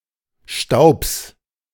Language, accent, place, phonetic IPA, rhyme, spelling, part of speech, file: German, Germany, Berlin, [ʃtaʊ̯ps], -aʊ̯ps, Staubs, noun, De-Staubs.ogg
- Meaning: genitive singular of Staub